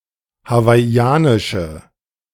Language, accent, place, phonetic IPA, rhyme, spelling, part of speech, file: German, Germany, Berlin, [havaɪ̯ˈi̯aːnɪʃə], -aːnɪʃə, hawaiianische, adjective, De-hawaiianische.ogg
- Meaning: inflection of hawaiianisch: 1. strong/mixed nominative/accusative feminine singular 2. strong nominative/accusative plural 3. weak nominative all-gender singular